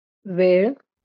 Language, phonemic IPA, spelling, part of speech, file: Marathi, /ʋeɭ̆/, वेळ, noun, LL-Q1571 (mar)-वेळ.wav
- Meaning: time